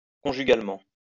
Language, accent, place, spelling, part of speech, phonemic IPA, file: French, France, Lyon, conjugalement, adverb, /kɔ̃.ʒy.ɡal.mɑ̃/, LL-Q150 (fra)-conjugalement.wav
- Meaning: maritally; conjugally